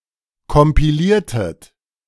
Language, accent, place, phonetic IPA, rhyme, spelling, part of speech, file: German, Germany, Berlin, [kɔmpiˈliːɐ̯tət], -iːɐ̯tət, kompiliertet, verb, De-kompiliertet.ogg
- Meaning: inflection of kompilieren: 1. second-person plural preterite 2. second-person plural subjunctive II